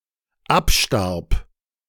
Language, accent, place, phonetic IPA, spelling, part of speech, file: German, Germany, Berlin, [ˈapˌʃtaʁp], abstarb, verb, De-abstarb.ogg
- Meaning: first/third-person singular dependent preterite of absterben